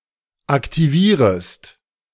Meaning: second-person singular subjunctive I of aktivieren
- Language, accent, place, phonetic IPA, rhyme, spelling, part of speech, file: German, Germany, Berlin, [aktiˈviːʁəst], -iːʁəst, aktivierest, verb, De-aktivierest.ogg